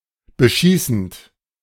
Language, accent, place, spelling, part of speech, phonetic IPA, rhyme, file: German, Germany, Berlin, beschießend, verb, [bəˈʃiːsn̩t], -iːsn̩t, De-beschießend.ogg
- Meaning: present participle of beschießen